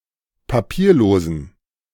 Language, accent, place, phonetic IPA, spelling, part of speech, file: German, Germany, Berlin, [paˈpiːɐ̯ˌloːzn̩], papierlosen, adjective, De-papierlosen.ogg
- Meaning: inflection of papierlos: 1. strong genitive masculine/neuter singular 2. weak/mixed genitive/dative all-gender singular 3. strong/weak/mixed accusative masculine singular 4. strong dative plural